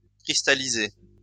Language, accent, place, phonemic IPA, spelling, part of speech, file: French, France, Lyon, /kʁis.ta.li.ze/, cristallisé, verb / adjective, LL-Q150 (fra)-cristallisé.wav
- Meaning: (verb) past participle of cristalliser; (adjective) crystallized